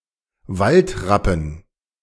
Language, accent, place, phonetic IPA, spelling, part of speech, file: German, Germany, Berlin, [ˈvaltʁapn̩], Waldrappen, noun, De-Waldrappen.ogg
- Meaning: dative plural of Waldrapp